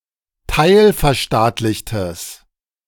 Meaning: strong/mixed nominative/accusative neuter singular of teilverstaatlicht
- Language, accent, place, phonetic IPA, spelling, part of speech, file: German, Germany, Berlin, [ˈtaɪ̯lfɛɐ̯ˌʃtaːtlɪçtəs], teilverstaatlichtes, adjective, De-teilverstaatlichtes.ogg